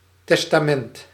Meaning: 1. testament (document containing a person's will) 2. testament (part of the Bible)
- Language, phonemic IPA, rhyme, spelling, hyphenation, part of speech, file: Dutch, /tɛs.taːˈmɛnt/, -ɛnt, testament, tes‧ta‧ment, noun, Nl-testament.ogg